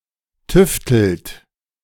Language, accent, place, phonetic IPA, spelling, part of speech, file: German, Germany, Berlin, [ˈtʏftl̩t], tüftelt, verb, De-tüftelt.ogg
- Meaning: inflection of tüfteln: 1. third-person singular present 2. second-person plural present 3. plural imperative